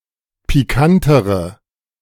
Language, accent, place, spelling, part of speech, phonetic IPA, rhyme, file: German, Germany, Berlin, pikantere, adjective, [piˈkantəʁə], -antəʁə, De-pikantere.ogg
- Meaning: inflection of pikant: 1. strong/mixed nominative/accusative feminine singular comparative degree 2. strong nominative/accusative plural comparative degree